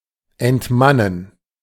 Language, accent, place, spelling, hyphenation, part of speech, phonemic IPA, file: German, Germany, Berlin, entmannen, ent‧man‧nen, verb, /ɛntˈmanən/, De-entmannen.ogg
- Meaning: 1. to emasculate, to deprive of the capacity as a man 2. to castrate, to remove the male member